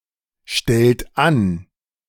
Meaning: inflection of anstellen: 1. third-person singular present 2. second-person plural present 3. plural imperative
- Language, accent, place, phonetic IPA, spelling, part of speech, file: German, Germany, Berlin, [ˌʃtɛlt ˈan], stellt an, verb, De-stellt an.ogg